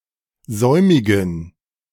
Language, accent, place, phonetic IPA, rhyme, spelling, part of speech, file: German, Germany, Berlin, [ˈzɔɪ̯mɪɡn̩], -ɔɪ̯mɪɡn̩, säumigen, adjective, De-säumigen.ogg
- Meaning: inflection of säumig: 1. strong genitive masculine/neuter singular 2. weak/mixed genitive/dative all-gender singular 3. strong/weak/mixed accusative masculine singular 4. strong dative plural